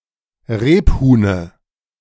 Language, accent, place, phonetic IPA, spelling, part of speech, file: German, Germany, Berlin, [ˈʁeːpˌhuːnə], Rebhuhne, noun, De-Rebhuhne.ogg
- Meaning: dative of Rebhuhn